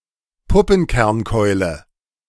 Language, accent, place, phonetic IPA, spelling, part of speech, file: German, Germany, Berlin, [ˈpʊpn̩kɛʁnˌkɔɪ̯lə], Puppenkernkeule, noun, De-Puppenkernkeule.ogg
- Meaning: scarlet caterpillarclub, caterpillar fungus, caterpillar killer, (Cordyceps militaris)